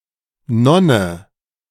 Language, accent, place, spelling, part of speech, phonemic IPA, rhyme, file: German, Germany, Berlin, Nonne, noun, /ˈnɔnə/, -ɔnə, De-Nonne.ogg
- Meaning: 1. nun 2. nun moth